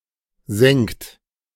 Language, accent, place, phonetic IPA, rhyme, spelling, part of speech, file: German, Germany, Berlin, [zɛŋt], -ɛŋt, sengt, verb, De-sengt.ogg
- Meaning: inflection of sengen: 1. third-person singular present 2. second-person plural present 3. plural imperative